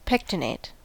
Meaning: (adjective) Resembling a comb.: 1. Having narrow ridges or projections aligned close together like the teeth of a comb 2. Striate
- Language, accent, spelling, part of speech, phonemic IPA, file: English, US, pectinate, adjective / verb / noun, /ˈpɛktəneɪt/, En-us-pectinate.ogg